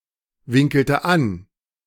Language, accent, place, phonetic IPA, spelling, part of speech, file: German, Germany, Berlin, [ˌvɪŋkl̩tə ˈan], winkelte an, verb, De-winkelte an.ogg
- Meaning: inflection of anwinkeln: 1. first/third-person singular preterite 2. first/third-person singular subjunctive II